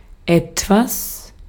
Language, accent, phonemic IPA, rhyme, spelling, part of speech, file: German, Austria, /ˈɛtvas/, -as, etwas, pronoun / adverb / determiner, De-at-etwas.ogg
- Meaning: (pronoun) something; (adverb) 1. somewhat, slightly 2. a little, a bit; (determiner) some, a bit of